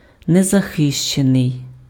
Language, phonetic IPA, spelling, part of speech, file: Ukrainian, [nezɐˈxɪʃt͡ʃenei̯], незахищений, adjective, Uk-незахищений.ogg
- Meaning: unprotected, undefended, unshielded, exposed